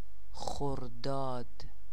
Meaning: 1. Khordad (the third solar month of the Persian calendar) 2. Name of the sixth day of any month of the solar Persian calendar
- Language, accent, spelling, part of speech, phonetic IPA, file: Persian, Iran, خرداد, proper noun, [xoɹ.d̪ɒ́ːd̪̥], Fa-خرداد.ogg